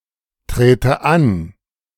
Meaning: inflection of antreten: 1. first-person singular present 2. first/third-person singular subjunctive I
- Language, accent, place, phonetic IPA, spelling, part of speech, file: German, Germany, Berlin, [ˌtʁeːtə ˈan], trete an, verb, De-trete an.ogg